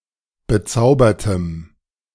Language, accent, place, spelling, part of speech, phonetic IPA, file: German, Germany, Berlin, bezaubertem, adjective, [bəˈt͡saʊ̯bɐtəm], De-bezaubertem.ogg
- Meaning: strong dative masculine/neuter singular of bezaubert